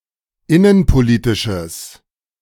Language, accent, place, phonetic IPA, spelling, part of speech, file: German, Germany, Berlin, [ˈɪnənpoˌliːtɪʃəs], innenpolitisches, adjective, De-innenpolitisches.ogg
- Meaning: strong/mixed nominative/accusative neuter singular of innenpolitisch